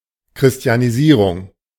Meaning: Christianisation / Christianization (Christianising / Christianizing (nouns))
- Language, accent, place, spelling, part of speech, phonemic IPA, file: German, Germany, Berlin, Christianisierung, noun, /kʁɪsti̯aniˈziːʁʊŋ/, De-Christianisierung.ogg